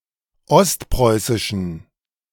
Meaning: inflection of ostpreußisch: 1. strong genitive masculine/neuter singular 2. weak/mixed genitive/dative all-gender singular 3. strong/weak/mixed accusative masculine singular 4. strong dative plural
- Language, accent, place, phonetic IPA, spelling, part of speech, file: German, Germany, Berlin, [ˈɔstˌpʁɔɪ̯sɪʃn̩], ostpreußischen, adjective, De-ostpreußischen.ogg